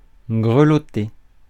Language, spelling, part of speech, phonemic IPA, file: French, grelotter, verb, /ɡʁə.lɔ.te/, Fr-grelotter.ogg
- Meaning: to shiver, tremble